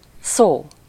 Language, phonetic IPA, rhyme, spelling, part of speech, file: Hungarian, [ˈsoː], -soː, szó, noun, Hu-szó.ogg
- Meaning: 1. word (smallest unit of language which has a particular meaning) 2. word (promise; oath or guarantee)